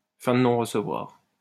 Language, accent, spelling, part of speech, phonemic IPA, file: French, France, fin de non-recevoir, noun, /fɛ̃ d(ə) nɔ̃.ʁ(ə).sə.vwaʁ/, LL-Q150 (fra)-fin de non-recevoir.wav
- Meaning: 1. inadmissibility 2. downright refusal